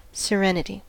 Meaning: 1. The state of being serene; calmness; peacefulness 2. A lack of agitation or disturbance 3. A title given to a reigning prince or similar dignitary
- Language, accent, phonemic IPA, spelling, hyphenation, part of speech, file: English, US, /səˈɹɛnɪti/, serenity, se‧ren‧i‧ty, noun, En-us-serenity.ogg